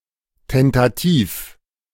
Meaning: tentative
- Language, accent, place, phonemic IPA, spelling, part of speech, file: German, Germany, Berlin, /ˌtɛntaˈtiːf/, tentativ, adjective, De-tentativ.ogg